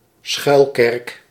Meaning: a clandestine church
- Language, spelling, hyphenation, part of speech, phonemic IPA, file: Dutch, schuilkerk, schuil‧kerk, noun, /ˈsxœy̯l.kɛrk/, Nl-schuilkerk.ogg